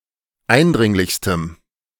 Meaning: strong dative masculine/neuter singular superlative degree of eindringlich
- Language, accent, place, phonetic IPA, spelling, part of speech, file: German, Germany, Berlin, [ˈaɪ̯nˌdʁɪŋlɪçstəm], eindringlichstem, adjective, De-eindringlichstem.ogg